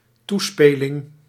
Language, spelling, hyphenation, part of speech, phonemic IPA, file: Dutch, toespeling, toe‧spe‧ling, noun, /ˈtuˌspeː.lɪŋ/, Nl-toespeling.ogg
- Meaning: allusion